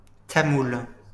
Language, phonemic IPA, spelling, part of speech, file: French, /ta.mul/, tamoul, noun / adjective, LL-Q150 (fra)-tamoul.wav
- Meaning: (noun) Tamil, the Tamil language; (adjective) Tamil